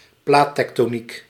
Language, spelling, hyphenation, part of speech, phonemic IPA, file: Dutch, plaattektoniek, plaat‧tek‧to‧niek, noun, /ˈplaː.tɛk.toːˌnik/, Nl-plaattektoniek.ogg
- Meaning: alternative form of platentektoniek